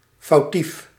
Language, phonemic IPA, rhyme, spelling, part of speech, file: Dutch, /fɑu̯ˈtif/, -if, foutief, adjective, Nl-foutief.ogg
- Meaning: wrong, erroneous, incorrect